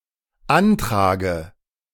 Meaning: dative singular of Antrag
- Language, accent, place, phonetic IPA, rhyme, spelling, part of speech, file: German, Germany, Berlin, [ˈantʁaːɡə], -antʁaːɡə, Antrage, noun, De-Antrage.ogg